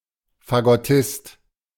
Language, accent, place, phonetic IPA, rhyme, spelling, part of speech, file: German, Germany, Berlin, [faɡɔˈtɪst], -ɪst, Fagottist, noun, De-Fagottist.ogg
- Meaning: bassoonist